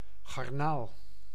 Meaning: shrimp, arthropod of the suborder Pleocyemata, especially of the infraorder Caridea
- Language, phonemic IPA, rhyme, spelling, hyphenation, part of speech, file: Dutch, /ɣɑrˈnaːl/, -aːl, garnaal, gar‧naal, noun, Nl-garnaal.ogg